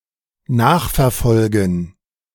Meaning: to keep track of, to trace
- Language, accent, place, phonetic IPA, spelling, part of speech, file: German, Germany, Berlin, [ˈnaːxfɛɐ̯ˌfɔlɡn̩], nachverfolgen, verb, De-nachverfolgen.ogg